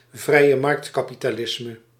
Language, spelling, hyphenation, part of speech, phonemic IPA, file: Dutch, vrijemarktkapitalisme, vrije‧markt‧ka‧pi‧ta‧lis‧me, noun, /vrɛi̯.əˈmɑrkt.kɑ.pi.taːˌlɪs.mə/, Nl-vrijemarktkapitalisme.ogg
- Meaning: free market capitalism (type of capitalism with sufficient anti-trust regulation to prevent widespread monopolisation)